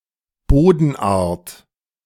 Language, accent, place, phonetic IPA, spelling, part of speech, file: German, Germany, Berlin, [ˈboːdn̩ˌʔaːɐ̯t], Bodenart, noun, De-Bodenart.ogg
- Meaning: soil type